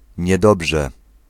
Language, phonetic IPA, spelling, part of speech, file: Polish, [ɲɛˈdɔbʒɛ], niedobrze, adverb, Pl-niedobrze.ogg